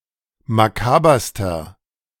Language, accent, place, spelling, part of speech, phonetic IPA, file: German, Germany, Berlin, makaberster, adjective, [maˈkaːbɐstɐ], De-makaberster.ogg
- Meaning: inflection of makaber: 1. strong/mixed nominative masculine singular superlative degree 2. strong genitive/dative feminine singular superlative degree 3. strong genitive plural superlative degree